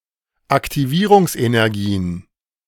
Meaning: plural of Aktivierungsenergie
- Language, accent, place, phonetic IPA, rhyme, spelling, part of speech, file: German, Germany, Berlin, [aktiˈviːʁʊŋsʔenɛʁˌɡiːən], -iːʁʊŋsʔenɛʁɡiːən, Aktivierungsenergien, noun, De-Aktivierungsenergien.ogg